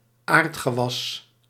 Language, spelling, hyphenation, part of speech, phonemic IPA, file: Dutch, aardgewas, aard‧ge‧was, noun, /ˈaːrt.xəˌʋɑs/, Nl-aardgewas.ogg
- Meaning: 1. crop 2. any crop that provides root vegetables